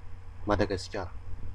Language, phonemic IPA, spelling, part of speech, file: Malagasy, /ma.da.ɡa.si.kʲa.ra/, Madagasikara, proper noun, Mg-Madagasikara.ogg
- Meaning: Madagascar (an island and country off the east coast of Africa)